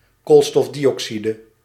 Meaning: carbon dioxide
- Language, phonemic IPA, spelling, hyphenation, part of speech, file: Dutch, /koːlstɔfdiɔksidə/, koolstofdioxide, kool‧stof‧di‧oxi‧de, noun, Nl-koolstofdioxide.ogg